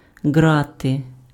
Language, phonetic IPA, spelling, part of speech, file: Ukrainian, [ˈɡrate], ґрати, noun, Uk-ґрати.ogg
- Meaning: grid, bars